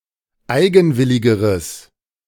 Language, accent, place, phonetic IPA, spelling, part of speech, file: German, Germany, Berlin, [ˈaɪ̯ɡn̩ˌvɪlɪɡəʁəs], eigenwilligeres, adjective, De-eigenwilligeres.ogg
- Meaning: strong/mixed nominative/accusative neuter singular comparative degree of eigenwillig